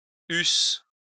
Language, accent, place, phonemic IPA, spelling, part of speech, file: French, France, Lyon, /ys/, eussent, verb, LL-Q150 (fra)-eussent.wav
- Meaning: third-person plural imperfect subjunctive of avoir